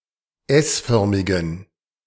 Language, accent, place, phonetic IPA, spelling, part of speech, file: German, Germany, Berlin, [ˈɛsˌfœʁmɪɡn̩], s-förmigen, adjective, De-s-förmigen.ogg
- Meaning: inflection of s-förmig: 1. strong genitive masculine/neuter singular 2. weak/mixed genitive/dative all-gender singular 3. strong/weak/mixed accusative masculine singular 4. strong dative plural